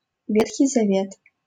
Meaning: Old Testament
- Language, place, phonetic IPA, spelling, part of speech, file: Russian, Saint Petersburg, [ˈvʲetxʲɪj zɐˈvʲet], Ветхий Завет, proper noun, LL-Q7737 (rus)-Ветхий Завет.wav